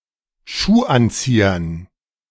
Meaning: dative plural of Schuhanzieher
- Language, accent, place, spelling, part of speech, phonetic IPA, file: German, Germany, Berlin, Schuhanziehern, noun, [ˈʃuːˌʔant͡siːɐn], De-Schuhanziehern.ogg